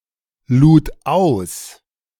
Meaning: first/third-person singular preterite of ausladen
- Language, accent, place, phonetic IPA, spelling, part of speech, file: German, Germany, Berlin, [ˌluːt ˈaʊ̯s], lud aus, verb, De-lud aus.ogg